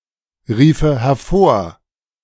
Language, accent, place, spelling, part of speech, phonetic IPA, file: German, Germany, Berlin, riefe hervor, verb, [ˌʁiːfə hɛɐ̯ˈfoːɐ̯], De-riefe hervor.ogg
- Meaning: first/third-person singular subjunctive II of hervorrufen